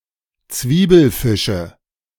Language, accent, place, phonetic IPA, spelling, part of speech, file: German, Germany, Berlin, [ˈt͡sviːbl̩ˌfɪʃə], Zwiebelfische, noun, De-Zwiebelfische.ogg
- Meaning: nominative/accusative/genitive plural of Zwiebelfisch